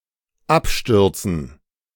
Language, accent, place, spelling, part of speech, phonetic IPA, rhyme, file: German, Germany, Berlin, Abstürzen, noun, [ˈapˌʃtʏʁt͡sn̩], -apʃtʏʁt͡sn̩, De-Abstürzen.ogg
- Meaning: 1. gerund of abstürzen 2. dative plural of Absturz